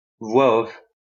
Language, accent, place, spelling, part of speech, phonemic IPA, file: French, France, Lyon, voix off, noun, /vwa ɔf/, LL-Q150 (fra)-voix off.wav
- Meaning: voice-over